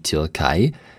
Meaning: Turkey (a country located in Eastern Thrace in Southeastern Europe and Anatolia in West Asia)
- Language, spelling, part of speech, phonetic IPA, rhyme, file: German, Türkei, proper noun, [tʏʁˈkaɪ̯], -aɪ̯, De-Türkei.ogg